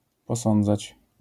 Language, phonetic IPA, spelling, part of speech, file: Polish, [pɔˈsɔ̃nd͡zat͡ɕ], posądzać, verb, LL-Q809 (pol)-posądzać.wav